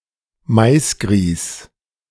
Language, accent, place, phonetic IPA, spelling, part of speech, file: German, Germany, Berlin, [ˈmaɪ̯sˌɡʁiːs], Maisgrieß, noun, De-Maisgrieß.ogg
- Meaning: cornmeal